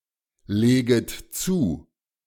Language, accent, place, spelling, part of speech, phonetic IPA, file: German, Germany, Berlin, leget zu, verb, [ˌleːɡət ˈt͡suː], De-leget zu.ogg
- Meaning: second-person plural subjunctive I of zulegen